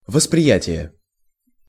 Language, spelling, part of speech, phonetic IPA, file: Russian, восприятие, noun, [vəsprʲɪˈjætʲɪje], Ru-восприятие.ogg
- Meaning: perception (conscious understanding of something)